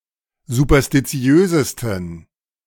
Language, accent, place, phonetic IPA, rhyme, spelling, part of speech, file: German, Germany, Berlin, [zupɐstiˈt͡si̯øːzəstn̩], -øːzəstn̩, superstitiösesten, adjective, De-superstitiösesten.ogg
- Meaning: 1. superlative degree of superstitiös 2. inflection of superstitiös: strong genitive masculine/neuter singular superlative degree